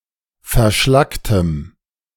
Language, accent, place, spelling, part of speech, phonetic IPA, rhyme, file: German, Germany, Berlin, verschlacktem, adjective, [fɛɐ̯ˈʃlaktəm], -aktəm, De-verschlacktem.ogg
- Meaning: strong dative masculine/neuter singular of verschlackt